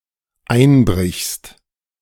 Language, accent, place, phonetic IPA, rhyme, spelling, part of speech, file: German, Germany, Berlin, [ˈaɪ̯nˌbʁɪçst], -aɪ̯nbʁɪçst, einbrichst, verb, De-einbrichst.ogg
- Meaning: second-person singular dependent present of einbrechen